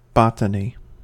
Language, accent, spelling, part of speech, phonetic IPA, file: English, US, botany, noun, [ˈbɑ.ɾə.ni], En-us-botany.ogg
- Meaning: 1. A branch of biology concerned with the scientific study of plants 2. The plant life of a geographical area; flora